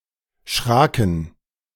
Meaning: first/third-person plural preterite of schrecken
- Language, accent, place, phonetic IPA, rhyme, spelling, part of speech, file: German, Germany, Berlin, [ˈʃʁaːkn̩], -aːkn̩, schraken, verb, De-schraken.ogg